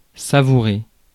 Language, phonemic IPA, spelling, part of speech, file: French, /sa.vu.ʁe/, savourer, verb, Fr-savourer.ogg
- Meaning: 1. to savour, to savor 2. to taste